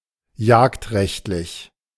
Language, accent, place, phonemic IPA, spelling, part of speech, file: German, Germany, Berlin, /ˈjaːktˌʁɛçtlɪç/, jagdrechtlich, adjective, De-jagdrechtlich.ogg
- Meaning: hunting law